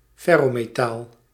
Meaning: ferrous metal; a metal element with properties similar to iron or an alloy with iron as its chief component
- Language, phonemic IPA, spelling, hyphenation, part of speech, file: Dutch, /ˈfɛ.roː.meːˌtaːl/, ferrometaal, fer‧ro‧me‧taal, noun, Nl-ferrometaal.ogg